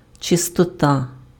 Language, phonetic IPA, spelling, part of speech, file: Ukrainian, [t͡ʃestɔˈta], чистота, noun, Uk-чистота.ogg
- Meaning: cleanliness, purity